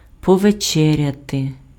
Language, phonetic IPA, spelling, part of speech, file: Ukrainian, [pɔʋeˈt͡ʃɛrʲɐte], повечеряти, verb, Uk-повечеряти.ogg
- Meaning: to have dinner, to have supper